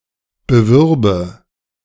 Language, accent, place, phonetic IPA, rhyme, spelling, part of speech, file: German, Germany, Berlin, [bəˈvʏʁbə], -ʏʁbə, bewürbe, verb, De-bewürbe.ogg
- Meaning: first/third-person singular subjunctive II of bewerben